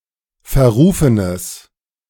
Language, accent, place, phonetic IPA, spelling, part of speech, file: German, Germany, Berlin, [fɛɐ̯ˈʁuːfənəs], verrufenes, adjective, De-verrufenes.ogg
- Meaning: strong/mixed nominative/accusative neuter singular of verrufen